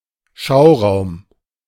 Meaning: showroom
- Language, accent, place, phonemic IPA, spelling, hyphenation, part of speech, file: German, Germany, Berlin, /ˈʃaʊ̯ˌʁaʊ̯m/, Schauraum, Schau‧raum, noun, De-Schauraum.ogg